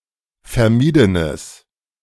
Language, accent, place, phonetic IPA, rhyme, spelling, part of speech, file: German, Germany, Berlin, [fɛɐ̯ˈmiːdənəs], -iːdənəs, vermiedenes, adjective, De-vermiedenes.ogg
- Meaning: strong/mixed nominative/accusative neuter singular of vermieden